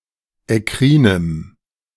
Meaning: strong dative masculine/neuter singular of ekkrin
- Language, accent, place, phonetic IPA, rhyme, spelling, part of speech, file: German, Germany, Berlin, [ɛˈkʁiːnəm], -iːnəm, ekkrinem, adjective, De-ekkrinem.ogg